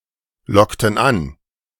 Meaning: inflection of anlocken: 1. first/third-person plural preterite 2. first/third-person plural subjunctive II
- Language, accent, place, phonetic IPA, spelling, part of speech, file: German, Germany, Berlin, [ˌlɔktn̩ ˈan], lockten an, verb, De-lockten an.ogg